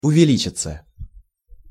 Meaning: 1. to increase, to rise, to grow 2. passive of увели́чить (uvelíčitʹ)
- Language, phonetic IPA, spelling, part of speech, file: Russian, [ʊvʲɪˈlʲit͡ɕɪt͡sə], увеличиться, verb, Ru-увеличиться.ogg